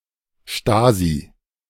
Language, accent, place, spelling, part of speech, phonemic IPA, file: German, Germany, Berlin, Stasi, proper noun / noun, /ˈʃtaːzi/, De-Stasi.ogg
- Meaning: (proper noun) Stasi; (noun) 1. anyone seen as restraining freedom of opinion and speech 2. anyone seen as violating people's private sphere and/or engaged in excessive data collection